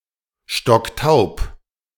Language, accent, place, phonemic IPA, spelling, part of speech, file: German, Germany, Berlin, /ˈʃtɔkˈtaʊ̯p/, stocktaub, adjective, De-stocktaub.ogg
- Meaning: stone deaf, deaf as a post